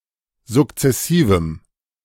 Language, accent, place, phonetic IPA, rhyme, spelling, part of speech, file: German, Germany, Berlin, [zʊkt͡sɛˈsiːvm̩], -iːvm̩, sukzessivem, adjective, De-sukzessivem.ogg
- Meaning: strong dative masculine/neuter singular of sukzessiv